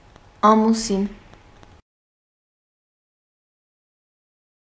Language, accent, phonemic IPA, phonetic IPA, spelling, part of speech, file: Armenian, Eastern Armenian, /ɑmuˈsin/, [ɑmusín], ամուսին, noun, Hy-ամուսին.ogg
- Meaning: 1. husband 2. spouse (husband or wife) 3. life partner